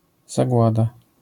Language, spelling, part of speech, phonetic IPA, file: Polish, zagłada, noun, [zaˈɡwada], LL-Q809 (pol)-zagłada.wav